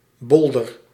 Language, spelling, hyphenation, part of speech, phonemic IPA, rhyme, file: Dutch, bolder, bol‧der, noun, /ˈbɔl.dər/, -ɔldər, Nl-bolder.ogg
- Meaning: a maritime bollard